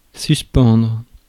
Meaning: 1. to suspend (hang freely) 2. to suspend (temporarily cancel or expel)
- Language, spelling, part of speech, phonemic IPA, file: French, suspendre, verb, /sys.pɑ̃dʁ/, Fr-suspendre.ogg